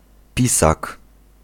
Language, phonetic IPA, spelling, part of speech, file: Polish, [ˈpʲisak], pisak, noun, Pl-pisak.ogg